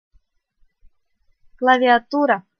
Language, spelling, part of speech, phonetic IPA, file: Russian, клавиатура, noun, [kɫəvʲɪɐˈturə], RU-клавиатура.ogg
- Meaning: keyboard (of a computer, a typewriter, or a piano)